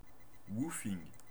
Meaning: woofing (travelling to volunteer on an organic farm)
- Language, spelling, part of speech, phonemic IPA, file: French, woofing, noun, /wu.fiŋ/, Fr-woofing.ogg